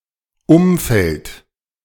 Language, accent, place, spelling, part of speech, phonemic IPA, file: German, Germany, Berlin, Umfeld, noun, /ˈʔʊmfɛlt/, De-Umfeld.ogg
- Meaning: environment (political or social setting, arena or condition)